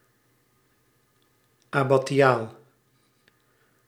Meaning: abbatial (pertaining to an abbey, abbot or abbess)
- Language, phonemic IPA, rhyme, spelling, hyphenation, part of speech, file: Dutch, /ˌɑ.baːˈ(t)ʃaːl/, -aːl, abbatiaal, ab‧ba‧ti‧aal, adjective, Nl-abbatiaal.ogg